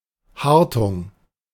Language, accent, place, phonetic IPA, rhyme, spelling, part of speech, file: German, Germany, Berlin, [ˈhaʁtʊŋ], -aʁtʊŋ, Hartung, noun / proper noun, De-Hartung.ogg
- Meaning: January